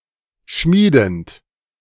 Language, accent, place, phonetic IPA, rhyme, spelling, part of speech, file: German, Germany, Berlin, [ˈʃmiːdn̩t], -iːdn̩t, schmiedend, verb, De-schmiedend.ogg
- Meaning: present participle of schmieden